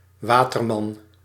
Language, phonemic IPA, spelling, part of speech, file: Dutch, /ˈwatərˌmɑn/, Waterman, proper noun / noun, Nl-Waterman.ogg
- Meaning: Aquarius